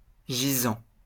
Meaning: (verb) present participle of gésir; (adjective) lying (in a horizontal position); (noun) recumbent statue, tomb effigy (relief or statue on the top of a tomb depicting the deceased lying in death)
- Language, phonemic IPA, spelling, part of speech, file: French, /ʒi.zɑ̃/, gisant, verb / adjective / noun, LL-Q150 (fra)-gisant.wav